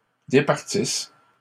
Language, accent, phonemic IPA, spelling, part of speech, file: French, Canada, /de.paʁ.tis/, départisse, verb, LL-Q150 (fra)-départisse.wav
- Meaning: inflection of départir: 1. first/third-person singular present subjunctive 2. first-person singular imperfect subjunctive